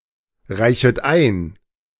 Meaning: second-person plural subjunctive I of einreichen
- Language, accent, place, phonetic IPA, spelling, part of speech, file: German, Germany, Berlin, [ˌʁaɪ̯çət ˈaɪ̯n], reichet ein, verb, De-reichet ein.ogg